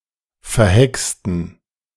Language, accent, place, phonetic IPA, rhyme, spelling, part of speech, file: German, Germany, Berlin, [fɛɐ̯ˈhɛkstn̩], -ɛkstn̩, verhexten, adjective / verb, De-verhexten.ogg
- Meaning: inflection of verhext: 1. strong genitive masculine/neuter singular 2. weak/mixed genitive/dative all-gender singular 3. strong/weak/mixed accusative masculine singular 4. strong dative plural